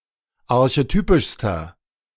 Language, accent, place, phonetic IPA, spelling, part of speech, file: German, Germany, Berlin, [aʁçeˈtyːpɪʃstɐ], archetypischster, adjective, De-archetypischster.ogg
- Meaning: inflection of archetypisch: 1. strong/mixed nominative masculine singular superlative degree 2. strong genitive/dative feminine singular superlative degree 3. strong genitive plural superlative degree